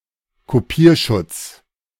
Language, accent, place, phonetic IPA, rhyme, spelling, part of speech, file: German, Germany, Berlin, [koˈpiːɐ̯ˌʃʊt͡s], -iːɐ̯ʃʊt͡s, Kopierschutz, noun, De-Kopierschutz.ogg
- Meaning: copy protection